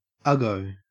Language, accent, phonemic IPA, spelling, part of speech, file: English, Australia, /ˈʌɡəʊ/, uggo, adjective / noun, En-au-uggo.ogg
- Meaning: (adjective) Ugly; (noun) An ugly person